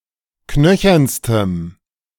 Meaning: strong dative masculine/neuter singular superlative degree of knöchern
- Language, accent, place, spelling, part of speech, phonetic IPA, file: German, Germany, Berlin, knöchernstem, adjective, [ˈknœçɐnstəm], De-knöchernstem.ogg